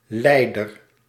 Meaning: leader, head, chief
- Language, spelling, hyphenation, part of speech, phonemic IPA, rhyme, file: Dutch, leider, lei‧der, noun, /ˈlɛi̯.dər/, -ɛi̯dər, Nl-leider.ogg